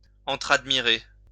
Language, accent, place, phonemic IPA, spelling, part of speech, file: French, France, Lyon, /ɑ̃.tʁad.mi.ʁe/, entradmirer, verb, LL-Q150 (fra)-entradmirer.wav
- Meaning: to admire each other